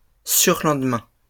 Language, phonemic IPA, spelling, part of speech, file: French, /syʁ.lɑ̃d.mɛ̃/, surlendemain, noun, LL-Q150 (fra)-surlendemain.wav
- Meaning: Two days later: 1. the day after the next day: Relative to a day implied by the context 2. the day after the next day: Relative to a day indicated explicitly, introduced with de